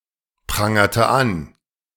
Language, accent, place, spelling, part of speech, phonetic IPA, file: German, Germany, Berlin, prangerte an, verb, [ˌpʁaŋɐtə ˈan], De-prangerte an.ogg
- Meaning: inflection of anprangern: 1. first/third-person singular preterite 2. first/third-person singular subjunctive II